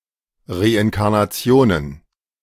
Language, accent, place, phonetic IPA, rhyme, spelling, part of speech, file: German, Germany, Berlin, [ˌʁeʔɪnkaʁnaˈt͡si̯oːnən], -oːnən, Reinkarnationen, noun, De-Reinkarnationen.ogg
- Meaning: plural of Reinkarnation